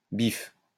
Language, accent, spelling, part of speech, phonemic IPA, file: French, France, bif, noun, /bif/, LL-Q150 (fra)-bif.wav
- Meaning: money, gwop, moola